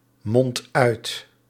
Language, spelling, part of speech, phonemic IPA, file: Dutch, mondt uit, verb, /ˈmɔnt ˈœyt/, Nl-mondt uit.ogg
- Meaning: inflection of uitmonden: 1. second/third-person singular present indicative 2. plural imperative